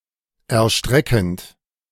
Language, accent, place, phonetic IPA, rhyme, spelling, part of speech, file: German, Germany, Berlin, [ɛɐ̯ˈʃtʁɛkn̩t], -ɛkn̩t, erstreckend, verb, De-erstreckend.ogg
- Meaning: present participle of erstrecken